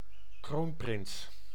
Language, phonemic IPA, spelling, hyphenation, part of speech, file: Dutch, /ˈkroːn.prɪns/, kroonprins, kroon‧prins, noun, Nl-kroonprins.ogg
- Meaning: 1. a crown prince, the prince of the blood expected to succeed to a monarch's crown 2. any heir apparent, the likely successor to a commoner's position, an estate etc